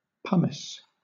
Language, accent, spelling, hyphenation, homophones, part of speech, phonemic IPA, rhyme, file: English, Southern England, pumice, pum‧ice, pomace, noun / verb, /ˈpʌm.ɪs/, -ʌmɪs, LL-Q1860 (eng)-pumice.wav